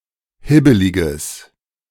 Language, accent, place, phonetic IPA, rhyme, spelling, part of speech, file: German, Germany, Berlin, [ˈhɪbəlɪɡəs], -ɪbəlɪɡəs, hibbeliges, adjective, De-hibbeliges.ogg
- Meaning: strong/mixed nominative/accusative neuter singular of hibbelig